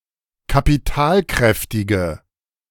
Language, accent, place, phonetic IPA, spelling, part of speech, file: German, Germany, Berlin, [kapiˈtaːlˌkʁɛftɪɡə], kapitalkräftige, adjective, De-kapitalkräftige.ogg
- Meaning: inflection of kapitalkräftig: 1. strong/mixed nominative/accusative feminine singular 2. strong nominative/accusative plural 3. weak nominative all-gender singular